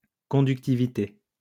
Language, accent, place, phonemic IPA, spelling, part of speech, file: French, France, Lyon, /kɔ̃.dyk.ti.vi.te/, conductivité, noun, LL-Q150 (fra)-conductivité.wav
- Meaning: conductivity